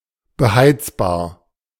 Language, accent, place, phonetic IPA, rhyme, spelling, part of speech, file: German, Germany, Berlin, [bəˈhaɪ̯t͡sbaːɐ̯], -aɪ̯t͡sbaːɐ̯, beheizbar, adjective, De-beheizbar.ogg
- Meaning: heatable